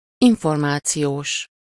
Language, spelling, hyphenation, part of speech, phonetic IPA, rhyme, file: Hungarian, információs, in‧for‧má‧ci‧ós, adjective, [ˈiɱformaːt͡sijoːʃ], -oːʃ, Hu-információs.ogg
- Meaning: of, or relating to information